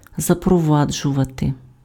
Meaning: to introduce, to bring in (:measure, custom, system etc.)
- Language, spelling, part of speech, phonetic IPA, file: Ukrainian, запроваджувати, verb, [zɐprɔˈʋad͡ʒʊʋɐte], Uk-запроваджувати.ogg